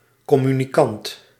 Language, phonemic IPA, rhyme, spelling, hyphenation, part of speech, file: Dutch, /ˌkɔ.my.niˈkɑnt/, -ɑnt, communicant, com‧mu‧ni‧cant, noun, Nl-communicant.ogg
- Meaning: a communicant, one receiving Holy Communion